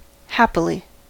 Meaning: 1. In a happy or cheerful manner; with happiness 2. By good chance; fortunately, successfully 3. With good will; in all happiness; willingly 4. By chance; perhaps
- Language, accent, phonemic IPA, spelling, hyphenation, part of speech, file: English, General American, /ˈhæp.ə.li/, happily, hap‧pi‧ly, adverb, En-us-happily.ogg